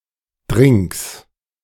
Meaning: plural of Drink
- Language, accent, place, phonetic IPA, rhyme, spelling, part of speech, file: German, Germany, Berlin, [dʁɪŋks], -ɪŋks, Drinks, noun, De-Drinks.ogg